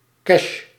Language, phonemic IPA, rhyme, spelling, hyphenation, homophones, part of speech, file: Dutch, /kɛʃ/, -ɛʃ, cash, cash, cache, noun / adjective / verb, Nl-cash.ogg
- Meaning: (noun) cash; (adjective) in coins and bills/notes; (verb) inflection of cashen: 1. first-person singular present indicative 2. second-person singular present indicative 3. imperative